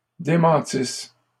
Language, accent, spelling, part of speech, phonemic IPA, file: French, Canada, démentisses, verb, /de.mɑ̃.tis/, LL-Q150 (fra)-démentisses.wav
- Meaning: second-person singular imperfect subjunctive of démentir